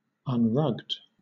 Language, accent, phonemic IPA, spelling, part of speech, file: English, Southern England, /ʌnˈɹʌɡd/, unrugged, adjective, LL-Q1860 (eng)-unrugged.wav
- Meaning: Not rugged, without a rug